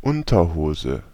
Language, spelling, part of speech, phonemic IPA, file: German, Unterhose, noun, /ˈʊntɐˌhoːzə/, De-Unterhose.ogg
- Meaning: underpants (any piece of underwear covering at least the genitalia and buttocks)